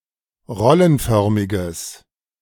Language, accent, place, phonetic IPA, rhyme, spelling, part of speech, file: German, Germany, Berlin, [ˈʁɔlənˌfœʁmɪɡəs], -ɔlənfœʁmɪɡəs, rollenförmiges, adjective, De-rollenförmiges.ogg
- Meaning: strong/mixed nominative/accusative neuter singular of rollenförmig